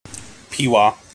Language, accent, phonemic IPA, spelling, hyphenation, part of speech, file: English, General American, /ˈpiwɑ/, peewah, pee‧wah, noun, En-us-peewah.mp3
- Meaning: A peach palm (Bactris gasipaes), a South American palm tree